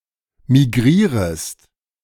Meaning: second-person singular subjunctive I of migrieren
- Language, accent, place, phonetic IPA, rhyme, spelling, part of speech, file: German, Germany, Berlin, [miˈɡʁiːʁəst], -iːʁəst, migrierest, verb, De-migrierest.ogg